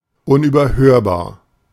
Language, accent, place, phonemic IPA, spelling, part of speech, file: German, Germany, Berlin, /ˌʊnʔyːbɐˈhøːɐ̯baːɐ̯/, unüberhörbar, adjective, De-unüberhörbar.ogg
- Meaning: unmistakable